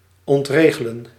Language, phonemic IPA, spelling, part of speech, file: Dutch, /ˌɔntˈreː.ɣə.lə(n)/, ontregelen, verb, Nl-ontregelen.ogg
- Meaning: to disrupt